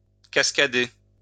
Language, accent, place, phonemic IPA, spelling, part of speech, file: French, France, Lyon, /kas.ka.de/, cascader, verb, LL-Q150 (fra)-cascader.wav
- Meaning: to cascade